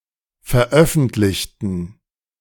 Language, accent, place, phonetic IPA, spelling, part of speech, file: German, Germany, Berlin, [fɛɐ̯ˈʔœfn̩tlɪçtn̩], veröffentlichten, adjective / verb, De-veröffentlichten.ogg
- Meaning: inflection of veröffentlicht: 1. strong genitive masculine/neuter singular 2. weak/mixed genitive/dative all-gender singular 3. strong/weak/mixed accusative masculine singular 4. strong dative plural